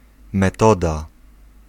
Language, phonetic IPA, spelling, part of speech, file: Polish, [mɛˈtɔda], metoda, noun, Pl-metoda.ogg